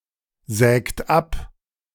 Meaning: inflection of absägen: 1. third-person singular present 2. second-person plural present 3. plural imperative
- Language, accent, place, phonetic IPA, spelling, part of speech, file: German, Germany, Berlin, [ˌzɛːkt ˈap], sägt ab, verb, De-sägt ab.ogg